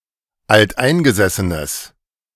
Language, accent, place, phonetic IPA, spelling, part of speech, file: German, Germany, Berlin, [altˈʔaɪ̯nɡəzɛsənəs], alteingesessenes, adjective, De-alteingesessenes.ogg
- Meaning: strong/mixed nominative/accusative neuter singular of alteingesessen